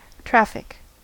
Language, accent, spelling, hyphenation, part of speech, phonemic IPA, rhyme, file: English, General American, traffic, traf‧fic, noun / verb / adjective, /ˈtɹæfɪk/, -æfɪk, En-us-traffic.ogg
- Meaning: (noun) 1. Moving pedestrians or vehicles, or the flux or passage thereof 2. The commercial transportation or exchange of goods, or the movement of passengers or people